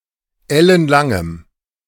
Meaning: strong dative masculine/neuter singular of ellenlang
- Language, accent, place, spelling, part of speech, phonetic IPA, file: German, Germany, Berlin, ellenlangem, adjective, [ˈɛlənˌlaŋəm], De-ellenlangem.ogg